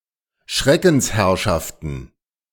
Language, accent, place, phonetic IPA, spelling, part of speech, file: German, Germany, Berlin, [ˈʃʁɛkn̩sˌhɛʁʃaftn̩], Schreckensherrschaften, noun, De-Schreckensherrschaften.ogg
- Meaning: plural of Schreckensherrschaft